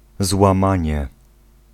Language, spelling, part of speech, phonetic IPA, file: Polish, złamanie, noun, [zwãˈmãɲɛ], Pl-złamanie.ogg